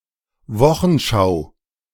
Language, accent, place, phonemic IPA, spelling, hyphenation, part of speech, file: German, Germany, Berlin, /ˈvɔxənˌʃaʊ̯/, Wochenschau, Wo‧chen‧schau, noun, De-Wochenschau.ogg
- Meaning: weekly newsreel shown at cinemas